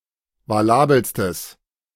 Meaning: strong/mixed nominative/accusative neuter singular superlative degree of valabel
- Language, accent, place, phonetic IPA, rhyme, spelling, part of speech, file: German, Germany, Berlin, [vaˈlaːbl̩stəs], -aːbl̩stəs, valabelstes, adjective, De-valabelstes.ogg